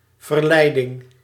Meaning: temptation
- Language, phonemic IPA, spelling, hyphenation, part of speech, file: Dutch, /vərˈlɛi̯.dɪŋ/, verleiding, ver‧lei‧ding, noun, Nl-verleiding.ogg